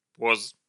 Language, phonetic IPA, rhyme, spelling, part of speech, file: Russian, [pos], -os, поз, noun, Ru-поз.ogg
- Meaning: genitive plural of по́за (póza)